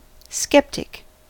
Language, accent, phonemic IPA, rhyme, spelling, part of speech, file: English, US, /ˈskɛp.tɪk/, -ɛptɪk, skeptic, noun / adjective, En-us-skeptic.ogg
- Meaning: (noun) 1. Someone who doubts beliefs, claims, plans, etc. that are accepted by others as true or appropriate, especially one who habitually does so 2. Someone who is skeptical towards religion